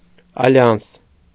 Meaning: alliance (usually between states or international organizations)
- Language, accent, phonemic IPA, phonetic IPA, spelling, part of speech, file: Armenian, Eastern Armenian, /ɑˈljɑns/, [ɑljɑ́ns], ալյանս, noun, Hy-ալյանս.ogg